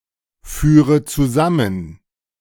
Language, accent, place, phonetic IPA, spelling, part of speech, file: German, Germany, Berlin, [ˌfyːʁə t͡suˈzamən], führe zusammen, verb, De-führe zusammen.ogg
- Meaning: inflection of zusammenführen: 1. first-person singular present 2. first/third-person singular subjunctive I 3. singular imperative